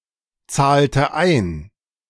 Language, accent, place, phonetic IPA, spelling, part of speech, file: German, Germany, Berlin, [ˌt͡saːltə ˈaɪ̯n], zahlte ein, verb, De-zahlte ein.ogg
- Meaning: inflection of einzahlen: 1. first/third-person singular preterite 2. first/third-person singular subjunctive II